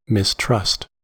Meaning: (noun) Lack of trust or confidence; distrust, untrust; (verb) 1. To have no confidence in (something or someone) 2. To be wary, suspicious or doubtful of (something or someone)
- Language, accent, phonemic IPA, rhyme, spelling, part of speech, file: English, US, /mɪsˈtɹʌst/, -ʌst, mistrust, noun / verb, En-us-mistrust.ogg